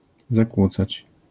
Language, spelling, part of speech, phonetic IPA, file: Polish, zakłócać, verb, [zaˈkwut͡sat͡ɕ], LL-Q809 (pol)-zakłócać.wav